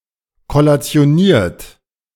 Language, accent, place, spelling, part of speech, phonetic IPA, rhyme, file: German, Germany, Berlin, kollationiert, verb, [kɔlat͡si̯oˈniːɐ̯t], -iːɐ̯t, De-kollationiert.ogg
- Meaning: 1. past participle of kollationieren 2. inflection of kollationieren: third-person singular present 3. inflection of kollationieren: second-person plural present